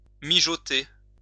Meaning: to simmer
- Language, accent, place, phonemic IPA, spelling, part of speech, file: French, France, Lyon, /mi.ʒɔ.te/, mijoter, verb, LL-Q150 (fra)-mijoter.wav